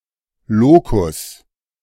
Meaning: toilet
- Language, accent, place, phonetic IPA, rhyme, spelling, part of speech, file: German, Germany, Berlin, [ˈloːkʊs], -oːkʊs, Lokus, noun, De-Lokus.ogg